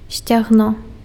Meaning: 1. hip 2. thigh
- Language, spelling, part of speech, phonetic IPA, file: Belarusian, сцягно, noun, [sʲt͡sʲaɣˈno], Be-сцягно.ogg